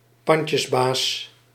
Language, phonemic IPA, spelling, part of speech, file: Dutch, /ˈpɑn.tjəsˌbaːs/, pandjesbaas, noun, Nl-pandjesbaas.ogg
- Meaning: 1. pawnbroker 2. slumlord